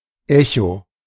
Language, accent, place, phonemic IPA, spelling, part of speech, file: German, Germany, Berlin, /ˈɛço/, Echo, noun / proper noun, De-Echo.ogg
- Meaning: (noun) echo (reflected sound); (proper noun) Echo (nymph of Greek mythology)